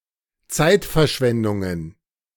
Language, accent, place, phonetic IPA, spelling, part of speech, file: German, Germany, Berlin, [ˈt͡saɪ̯tfɛɐ̯ˌʃvɛndʊŋən], Zeitverschwendungen, noun, De-Zeitverschwendungen.ogg
- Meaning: plural of Zeitverschwendung